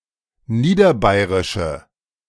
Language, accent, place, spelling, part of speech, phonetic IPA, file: German, Germany, Berlin, niederbayrische, adjective, [ˈniːdɐˌbaɪ̯ʁɪʃə], De-niederbayrische.ogg
- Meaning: inflection of niederbayrisch: 1. strong/mixed nominative/accusative feminine singular 2. strong nominative/accusative plural 3. weak nominative all-gender singular